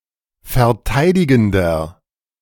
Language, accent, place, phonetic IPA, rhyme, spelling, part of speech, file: German, Germany, Berlin, [fɛɐ̯ˈtaɪ̯dɪɡn̩dɐ], -aɪ̯dɪɡn̩dɐ, verteidigender, adjective, De-verteidigender.ogg
- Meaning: inflection of verteidigend: 1. strong/mixed nominative masculine singular 2. strong genitive/dative feminine singular 3. strong genitive plural